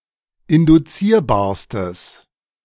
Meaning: strong/mixed nominative/accusative neuter singular superlative degree of induzierbar
- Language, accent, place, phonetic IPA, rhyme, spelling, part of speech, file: German, Germany, Berlin, [ɪndʊˈt͡siːɐ̯baːɐ̯stəs], -iːɐ̯baːɐ̯stəs, induzierbarstes, adjective, De-induzierbarstes.ogg